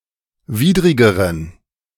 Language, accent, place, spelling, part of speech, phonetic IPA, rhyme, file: German, Germany, Berlin, widrigeren, adjective, [ˈviːdʁɪɡəʁən], -iːdʁɪɡəʁən, De-widrigeren.ogg
- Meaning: inflection of widrig: 1. strong genitive masculine/neuter singular comparative degree 2. weak/mixed genitive/dative all-gender singular comparative degree